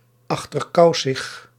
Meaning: 1. suspicious, mistrusting 2. secretive, furtive
- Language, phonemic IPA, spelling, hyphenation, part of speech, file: Dutch, /ˌɑx.tərˈkɑu̯.səx/, achterkousig, ach‧ter‧kou‧sig, adjective, Nl-achterkousig.ogg